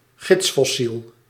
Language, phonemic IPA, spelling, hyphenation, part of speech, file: Dutch, /ˈɣɪts.fɔˌsil/, gidsfossiel, gids‧fos‧siel, noun, Nl-gidsfossiel.ogg
- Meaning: index fossil (fossil that can be used to date a stratum)